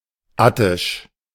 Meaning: Attic
- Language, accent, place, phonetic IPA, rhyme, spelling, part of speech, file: German, Germany, Berlin, [ˈatɪʃ], -atɪʃ, attisch, adjective, De-attisch.ogg